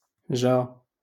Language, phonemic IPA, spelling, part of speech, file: Moroccan Arabic, /ʒaː/, جا, verb, LL-Q56426 (ary)-جا.wav
- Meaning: 1. to come 2. to suit (to be suitable or apt for one's image) 3. to arrive 4. to be located 5. to be related to someone